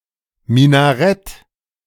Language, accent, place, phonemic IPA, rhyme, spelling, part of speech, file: German, Germany, Berlin, /ˌmɪnaˈʁɛt/, -ɛt, Minarett, noun, De-Minarett.ogg
- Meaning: minaret (mosque tower)